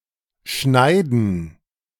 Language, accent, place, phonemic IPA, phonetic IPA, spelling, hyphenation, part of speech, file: German, Germany, Berlin, /ˈʃnaɪ̯dən/, [ˈʃnaɪ̯.d̚n̩], schneiden, schnei‧den, verb, De-schneiden2.ogg
- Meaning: 1. to cut; to carve; to slice 2. to pare; to clip; to mow; to prune; to trim 3. to cut (someone) off; to cut in on (someone) 4. to edit 5. to intersect 6. to cut (oneself)